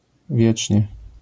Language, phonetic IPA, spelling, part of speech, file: Polish, [ˈvʲjɛt͡ʃʲɲɛ], wiecznie, adverb, LL-Q809 (pol)-wiecznie.wav